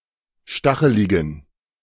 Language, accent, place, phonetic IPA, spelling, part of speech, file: German, Germany, Berlin, [ˈʃtaxəlɪɡn̩], stacheligen, adjective, De-stacheligen.ogg
- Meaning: inflection of stachelig: 1. strong genitive masculine/neuter singular 2. weak/mixed genitive/dative all-gender singular 3. strong/weak/mixed accusative masculine singular 4. strong dative plural